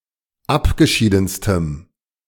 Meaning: strong dative masculine/neuter singular superlative degree of abgeschieden
- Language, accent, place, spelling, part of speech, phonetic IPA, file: German, Germany, Berlin, abgeschiedenstem, adjective, [ˈapɡəˌʃiːdn̩stəm], De-abgeschiedenstem.ogg